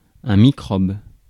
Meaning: microbe
- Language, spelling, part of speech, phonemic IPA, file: French, microbe, noun, /mi.kʁɔb/, Fr-microbe.ogg